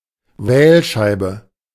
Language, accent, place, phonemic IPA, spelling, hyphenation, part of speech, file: German, Germany, Berlin, /ˈvɛːlˌʃaɪ̯bə/, Wählscheibe, Wähl‧schei‧be, noun, De-Wählscheibe.ogg
- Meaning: rotary dial